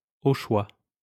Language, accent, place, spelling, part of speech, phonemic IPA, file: French, France, Lyon, au choix, adverb, /o ʃwa/, LL-Q150 (fra)-au choix.wav
- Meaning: as one wants, as one prefers